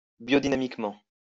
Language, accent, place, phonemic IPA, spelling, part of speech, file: French, France, Lyon, /bjɔ.di.na.mik.mɑ̃/, biodynamiquement, adverb, LL-Q150 (fra)-biodynamiquement.wav
- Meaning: biodynamically